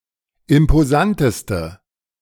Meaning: inflection of imposant: 1. strong/mixed nominative/accusative feminine singular superlative degree 2. strong nominative/accusative plural superlative degree
- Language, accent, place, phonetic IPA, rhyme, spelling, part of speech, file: German, Germany, Berlin, [ɪmpoˈzantəstə], -antəstə, imposanteste, adjective, De-imposanteste.ogg